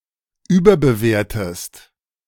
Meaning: inflection of überbewerten: 1. second-person singular present 2. second-person singular subjunctive I
- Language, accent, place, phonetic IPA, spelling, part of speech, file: German, Germany, Berlin, [ˈyːbɐbəˌveːɐ̯təst], überbewertest, verb, De-überbewertest.ogg